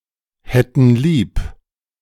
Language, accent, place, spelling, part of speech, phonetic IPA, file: German, Germany, Berlin, hätten lieb, verb, [ˌhɛtn̩ ˈliːp], De-hätten lieb.ogg
- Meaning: first-person plural subjunctive II of lieb haben